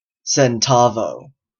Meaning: Currency unit (hundredth of a peso) in Mexico
- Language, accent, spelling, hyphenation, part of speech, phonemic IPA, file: English, US, centavo, cen‧ta‧vo, noun, /sɛnˈtɑːvoʊ/, En-ca-centavo.oga